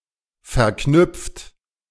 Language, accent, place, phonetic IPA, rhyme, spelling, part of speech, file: German, Germany, Berlin, [fɛɐ̯ˈknʏp͡ft], -ʏp͡ft, verknüpft, verb, De-verknüpft.ogg
- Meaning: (verb) past participle of verknüpfen; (adjective) linked, concatenated; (verb) inflection of verknüpfen: 1. third-person singular present 2. second-person plural present